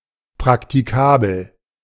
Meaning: practicable
- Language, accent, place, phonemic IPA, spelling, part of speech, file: German, Germany, Berlin, /pʁaktiˈkaːbl̩/, praktikabel, adjective, De-praktikabel.ogg